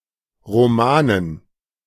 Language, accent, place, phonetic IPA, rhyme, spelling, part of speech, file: German, Germany, Berlin, [ˌʁoˈmaːnən], -aːnən, Romanen, noun, De-Romanen.ogg
- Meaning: dative plural of Roman